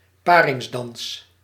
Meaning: mating dance
- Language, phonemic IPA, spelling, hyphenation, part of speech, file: Dutch, /ˈpaː.rɪŋsˌdɑns/, paringsdans, pa‧rings‧dans, noun, Nl-paringsdans.ogg